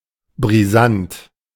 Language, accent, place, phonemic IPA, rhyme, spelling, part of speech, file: German, Germany, Berlin, /bʁiˈzant/, -ant, brisant, adjective, De-brisant.ogg
- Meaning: 1. controversial 2. volatile 3. explosive